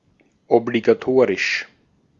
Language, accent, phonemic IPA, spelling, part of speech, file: German, Austria, /ɔbliɡaˈtoːʁɪʃ/, obligatorisch, adjective, De-at-obligatorisch.ogg
- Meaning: compulsory (mandatory)